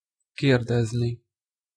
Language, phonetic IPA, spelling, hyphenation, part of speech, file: Hungarian, [ˈkeːrdɛzni], kérdezni, kér‧dez‧ni, verb, Hu-kérdezni.ogg
- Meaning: infinitive of kérdez